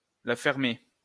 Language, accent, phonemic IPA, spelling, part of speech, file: French, France, /la fɛʁ.me/, la fermer, verb, LL-Q150 (fra)-la fermer.wav
- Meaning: to shut it, to shut up (refrain from speech)